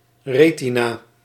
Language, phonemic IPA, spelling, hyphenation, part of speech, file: Dutch, /ˈreː.ti.naː/, retina, re‧ti‧na, noun, Nl-retina.ogg
- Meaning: retina